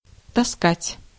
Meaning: 1. to carry, to lug, to drag 2. to pull along, to drag along 3. to wear (clothes or shoes, long or carelessly) 4. to pull (causing pain) 5. to pinch, to swipe, to pilfer, to filch
- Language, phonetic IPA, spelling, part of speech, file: Russian, [tɐˈskatʲ], таскать, verb, Ru-таскать.ogg